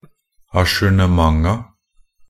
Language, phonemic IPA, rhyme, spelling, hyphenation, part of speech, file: Norwegian Bokmål, /aʃʉːɳəˈmaŋa/, -aŋa, ajournementa, a‧jour‧ne‧ment‧a, noun, Nb-ajournementa.ogg
- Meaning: definite plural of ajournement